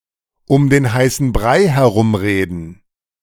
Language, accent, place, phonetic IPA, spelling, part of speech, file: German, Germany, Berlin, [ʊm deːn ˈhaɪ̯sn̩ ˈbʁaɪ̯ hɛˈʁʊmˌʁeːdn̩], um den heißen Brei herumreden, verb, De-um den heißen Brei herumreden.ogg
- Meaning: beat about the bush